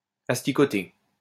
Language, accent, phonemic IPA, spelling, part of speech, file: French, France, /as.ti.kɔ.te/, asticoté, verb, LL-Q150 (fra)-asticoté.wav
- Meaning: past participle of asticoter